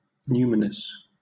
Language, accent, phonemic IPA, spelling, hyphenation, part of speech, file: English, Southern England, /ˈnjuːmɪnəs/, numinous, nu‧min‧ous, adjective, LL-Q1860 (eng)-numinous.wav
- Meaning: 1. Of or relating to a numen (divinity); indicating the presence of a divinity 2. Evoking a sense of the mystical, sublime, or transcendent; awe-inspiring